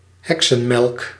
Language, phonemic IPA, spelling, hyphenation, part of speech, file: Dutch, /ˈɦɛk.sə(n)ˌmɛlk/, heksenmelk, hek‧sen‧melk, noun, Nl-heksenmelk.ogg
- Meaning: 1. leafy spurge (Euphorbia esula) 2. witch's milk (neonatal milk)